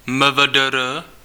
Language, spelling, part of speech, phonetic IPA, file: Czech, MVDr., abbreviation, [mə.və.də.ˈrə], Cs-MVDr..ogg
- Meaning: abbreviation of medicīnae veterīnāriae doctor (“veterinarian, doctor of veterinary medicine”)